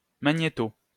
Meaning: 1. magneto 2. tape recorder 3. videocassette recorder
- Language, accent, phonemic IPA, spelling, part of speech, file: French, France, /ma.ɲe.to/, magnéto, noun, LL-Q150 (fra)-magnéto.wav